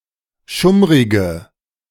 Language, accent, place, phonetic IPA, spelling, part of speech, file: German, Germany, Berlin, [ˈʃʊmʁɪɡə], schummrige, adjective, De-schummrige.ogg
- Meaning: inflection of schummrig: 1. strong/mixed nominative/accusative feminine singular 2. strong nominative/accusative plural 3. weak nominative all-gender singular